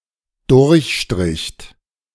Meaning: second-person plural dependent preterite of durchstreichen
- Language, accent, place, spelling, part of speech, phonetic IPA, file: German, Germany, Berlin, durchstricht, verb, [ˈdʊʁçˌʃtʁɪçt], De-durchstricht.ogg